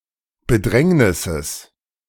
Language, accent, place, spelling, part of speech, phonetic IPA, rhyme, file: German, Germany, Berlin, Bedrängnisses, noun, [bəˈdʁɛŋnɪsəs], -ɛŋnɪsəs, De-Bedrängnisses.ogg
- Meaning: genitive singular of Bedrängnis